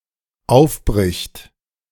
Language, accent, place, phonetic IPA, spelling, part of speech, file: German, Germany, Berlin, [ˈaʊ̯fˌbʁɪçt], aufbricht, verb, De-aufbricht.ogg
- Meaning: third-person singular dependent present of aufbrechen